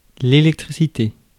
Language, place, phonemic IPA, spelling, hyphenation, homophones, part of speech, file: French, Paris, /e.lɛk.tʁi.si.te/, électricité, é‧lec‧tri‧ci‧té, électricités, noun, Fr-électricité.ogg
- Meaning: electricity